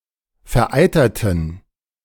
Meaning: inflection of vereitert: 1. strong genitive masculine/neuter singular 2. weak/mixed genitive/dative all-gender singular 3. strong/weak/mixed accusative masculine singular 4. strong dative plural
- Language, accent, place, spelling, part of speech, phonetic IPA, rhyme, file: German, Germany, Berlin, vereiterten, adjective / verb, [fɛɐ̯ˈʔaɪ̯tɐtn̩], -aɪ̯tɐtn̩, De-vereiterten.ogg